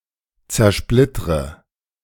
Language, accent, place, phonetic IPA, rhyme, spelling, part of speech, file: German, Germany, Berlin, [t͡sɛɐ̯ˈʃplɪtʁə], -ɪtʁə, zersplittre, verb, De-zersplittre.ogg
- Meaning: inflection of zersplittern: 1. first-person singular present 2. first/third-person singular subjunctive I 3. singular imperative